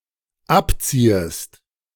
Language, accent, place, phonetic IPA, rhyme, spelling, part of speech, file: German, Germany, Berlin, [ˈapˌt͡siːəst], -apt͡siːəst, abziehest, verb, De-abziehest.ogg
- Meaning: second-person singular dependent subjunctive I of abziehen